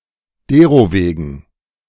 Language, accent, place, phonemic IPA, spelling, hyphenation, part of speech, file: German, Germany, Berlin, /ˈdeːʁoˌveːɡn̩/, derowegen, de‧ro‧we‧gen, adverb, De-derowegen.ogg
- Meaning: therefore